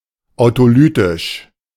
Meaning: autolytic
- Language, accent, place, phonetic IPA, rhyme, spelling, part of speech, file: German, Germany, Berlin, [aʊ̯toˈlyːtɪʃ], -yːtɪʃ, autolytisch, adjective, De-autolytisch.ogg